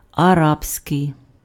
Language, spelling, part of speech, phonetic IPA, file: Ukrainian, арабський, adjective, [ɐˈrabsʲkei̯], Uk-арабський.ogg
- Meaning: Arabic, Arab, Arabian